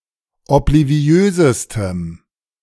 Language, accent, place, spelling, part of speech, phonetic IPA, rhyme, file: German, Germany, Berlin, obliviösestem, adjective, [ɔpliˈvi̯øːzəstəm], -øːzəstəm, De-obliviösestem.ogg
- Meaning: strong dative masculine/neuter singular superlative degree of obliviös